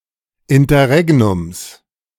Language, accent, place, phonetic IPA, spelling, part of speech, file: German, Germany, Berlin, [ɪntɐˈʁɛɡnʊms], Interregnums, noun, De-Interregnums.ogg
- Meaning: genitive singular of Interregnum